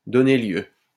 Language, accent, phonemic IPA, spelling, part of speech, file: French, France, /dɔ.ne ljø/, donner lieu, verb, LL-Q150 (fra)-donner lieu.wav
- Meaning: to give rise to, to lead to, to cause, to bring about